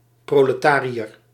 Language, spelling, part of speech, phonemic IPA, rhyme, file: Dutch, proletariër, noun, /ˌproː.ləˈtaː.ri.ər/, -aːriər, Nl-proletariër.ogg
- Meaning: proletarian